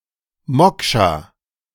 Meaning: 1. Moksha (person) 2. Moksha (language) 3. alternative form of Moksha (“moksha”)
- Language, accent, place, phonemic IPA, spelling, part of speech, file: German, Germany, Berlin, /ˈmɔkʃaː/, Mokscha, noun, De-Mokscha.ogg